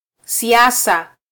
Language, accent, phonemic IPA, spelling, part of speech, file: Swahili, Kenya, /siˈɑ.sɑ/, siasa, noun, Sw-ke-siasa.flac
- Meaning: politics